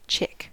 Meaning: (noun) 1. A young bird 2. A young bird.: A young chicken 3. An attractive, young woman; or, more generally, a woman 4. A friendly fighter aircraft 5. A young child
- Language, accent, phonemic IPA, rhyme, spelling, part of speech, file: English, US, /t͡ʃɪk/, -ɪk, chick, noun / verb, En-us-chick.ogg